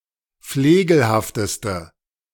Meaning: inflection of flegelhaft: 1. strong/mixed nominative/accusative feminine singular superlative degree 2. strong nominative/accusative plural superlative degree
- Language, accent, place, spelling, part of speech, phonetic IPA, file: German, Germany, Berlin, flegelhafteste, adjective, [ˈfleːɡl̩haftəstə], De-flegelhafteste.ogg